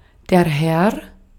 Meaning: 1. man, gentleman 2. sir, lord; address of subservient respect 3. Mr., mister, sir respectful address towards a man
- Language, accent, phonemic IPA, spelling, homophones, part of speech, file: German, Austria, /hɛr/, Herr, Heer / hehr, noun, De-at-Herr.ogg